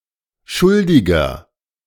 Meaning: 1. comparative degree of schuldig 2. inflection of schuldig: strong/mixed nominative masculine singular 3. inflection of schuldig: strong genitive/dative feminine singular
- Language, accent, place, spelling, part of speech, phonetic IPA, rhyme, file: German, Germany, Berlin, schuldiger, adjective, [ˈʃʊldɪɡɐ], -ʊldɪɡɐ, De-schuldiger.ogg